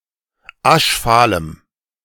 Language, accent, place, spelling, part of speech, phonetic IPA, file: German, Germany, Berlin, aschfahlem, adjective, [ˈaʃˌfaːləm], De-aschfahlem.ogg
- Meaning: strong dative masculine/neuter singular of aschfahl